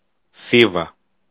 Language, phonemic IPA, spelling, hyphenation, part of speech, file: Greek, /ˈθiva/, Θήβα, Θή‧βα, proper noun, El-Θήβα.ogg
- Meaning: 1. Thebes (ancient Greek city in Boeotia) 2. Thebes (a modern city in the regional unit of Boeotia, in central Greece)